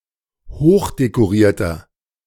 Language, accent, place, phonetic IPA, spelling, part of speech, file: German, Germany, Berlin, [ˈhoːxdekoˌʁiːɐ̯tɐ], hochdekorierter, adjective, De-hochdekorierter.ogg
- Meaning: inflection of hochdekoriert: 1. strong/mixed nominative masculine singular 2. strong genitive/dative feminine singular 3. strong genitive plural